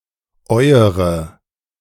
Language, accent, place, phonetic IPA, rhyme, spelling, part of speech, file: German, Germany, Berlin, [ˈɔɪ̯əʁə], -ɔɪ̯əʁə, euere, determiner, De-euere.ogg
- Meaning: inflection of euer (“your (plural) (referring to a feminine or plural noun in the nominative or accusative)”): 1. nominative/accusative feminine singular 2. nominative/accusative plural